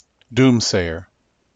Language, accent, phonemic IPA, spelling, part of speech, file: English, US, /ˈdumˌseɪ.ɚ/, doomsayer, noun, En-us-doomsayer.ogg
- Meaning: One who makes dire predictions about the future; one who predicts doom